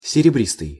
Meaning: silvery, silver (color/colour)
- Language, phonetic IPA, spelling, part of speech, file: Russian, [sʲɪrʲɪˈbrʲistɨj], серебристый, adjective, Ru-серебристый.ogg